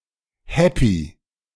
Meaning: glad; satisfied; momentarily happy
- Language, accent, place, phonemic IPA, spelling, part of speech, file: German, Germany, Berlin, /ˈhɛpi/, happy, adjective, De-happy.ogg